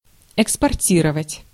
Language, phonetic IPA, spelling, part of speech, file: Russian, [ɪkspɐrˈtʲirəvətʲ], экспортировать, verb, Ru-экспортировать.ogg
- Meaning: to export (to sell (goods) to a foreign country)